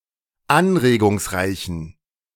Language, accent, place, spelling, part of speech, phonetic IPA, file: German, Germany, Berlin, anregungsreichen, adjective, [ˈanʁeːɡʊŋsˌʁaɪ̯çn̩], De-anregungsreichen.ogg
- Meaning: inflection of anregungsreich: 1. strong genitive masculine/neuter singular 2. weak/mixed genitive/dative all-gender singular 3. strong/weak/mixed accusative masculine singular 4. strong dative plural